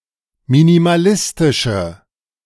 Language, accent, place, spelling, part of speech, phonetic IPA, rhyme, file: German, Germany, Berlin, minimalistische, adjective, [minimaˈlɪstɪʃə], -ɪstɪʃə, De-minimalistische.ogg
- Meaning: inflection of minimalistisch: 1. strong/mixed nominative/accusative feminine singular 2. strong nominative/accusative plural 3. weak nominative all-gender singular